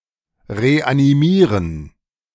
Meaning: to reanimate, to resuscitate
- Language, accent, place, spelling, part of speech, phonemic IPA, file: German, Germany, Berlin, reanimieren, verb, /ʁeʔaniˈmiːʁən/, De-reanimieren.ogg